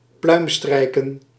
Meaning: to fawn, to be a sycophant
- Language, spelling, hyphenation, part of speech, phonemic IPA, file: Dutch, pluimstrijken, pluim‧strij‧ken, verb, /ˈplœy̯mˌstrɛi̯.kə(n)/, Nl-pluimstrijken.ogg